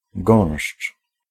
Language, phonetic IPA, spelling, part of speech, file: Polish, [ɡɔ̃w̃ʃt͡ʃ], gąszcz, noun, Pl-gąszcz.ogg